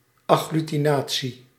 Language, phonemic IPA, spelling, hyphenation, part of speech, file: Dutch, /ɑ.ɣly.tiˈnaː.(t)si/, agglutinatie, ag‧glu‧ti‧na‧tie, noun, Nl-agglutinatie.ogg
- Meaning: 1. agglutination, uniting (e.g. sealing a wound) by means of glue 2. agglutination